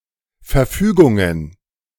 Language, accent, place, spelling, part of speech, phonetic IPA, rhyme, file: German, Germany, Berlin, Verfügungen, noun, [fɛɐ̯ˈfyːɡʊŋən], -yːɡʊŋən, De-Verfügungen.ogg
- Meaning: plural of Verfügung